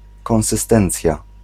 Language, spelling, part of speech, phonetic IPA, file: Polish, konsystencja, noun, [ˌkɔ̃w̃sɨˈstɛ̃nt͡sʲja], Pl-konsystencja.ogg